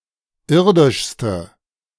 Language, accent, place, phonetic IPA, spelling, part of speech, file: German, Germany, Berlin, [ˈɪʁdɪʃstə], irdischste, adjective, De-irdischste.ogg
- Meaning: inflection of irdisch: 1. strong/mixed nominative/accusative feminine singular superlative degree 2. strong nominative/accusative plural superlative degree